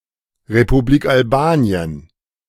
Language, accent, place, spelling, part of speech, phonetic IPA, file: German, Germany, Berlin, Republik Albanien, phrase, [ʁepuˈbliːk alˈbaːni̯ən], De-Republik Albanien.ogg
- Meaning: Republic of Albania (official name of Albania: a country in Southeastern Europe)